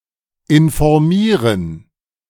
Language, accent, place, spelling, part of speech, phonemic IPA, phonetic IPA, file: German, Germany, Berlin, informieren, verb, /ɪnfoʁˈmiːʁən/, [ʔɪnfoʁˈmiːɐ̯n], De-informieren.ogg
- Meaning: 1. to inform, to update 2. to read up on, to find out, to research, to look into, (rare) to inform oneself